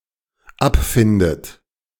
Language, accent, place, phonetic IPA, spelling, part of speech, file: German, Germany, Berlin, [ˈapˌfɪndət], abfindet, verb, De-abfindet.ogg
- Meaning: inflection of abfinden: 1. third-person singular dependent present 2. second-person plural dependent present 3. second-person plural dependent subjunctive I